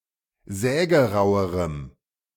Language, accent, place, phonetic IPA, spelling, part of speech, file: German, Germany, Berlin, [ˈzɛːɡəˌʁaʊ̯əʁəm], sägerauerem, adjective, De-sägerauerem.ogg
- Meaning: strong dative masculine/neuter singular comparative degree of sägerau